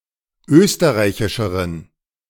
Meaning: inflection of österreichisch: 1. strong genitive masculine/neuter singular comparative degree 2. weak/mixed genitive/dative all-gender singular comparative degree
- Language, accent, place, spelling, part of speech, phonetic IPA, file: German, Germany, Berlin, österreichischeren, adjective, [ˈøːstəʁaɪ̯çɪʃəʁən], De-österreichischeren.ogg